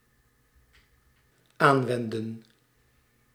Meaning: inflection of aanwenden: 1. plural dependent-clause past indicative 2. plural dependent-clause past subjunctive
- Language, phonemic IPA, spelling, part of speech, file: Dutch, /ˈaɱwɛndə(n)/, aanwendden, verb, Nl-aanwendden.ogg